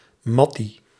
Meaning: friend, mate, buddy
- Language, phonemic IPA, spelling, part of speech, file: Dutch, /ˈmɑti/, mattie, noun, Nl-mattie.ogg